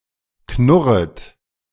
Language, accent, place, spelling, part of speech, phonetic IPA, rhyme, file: German, Germany, Berlin, knurret, verb, [ˈknʊʁət], -ʊʁət, De-knurret.ogg
- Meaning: second-person plural subjunctive I of knurren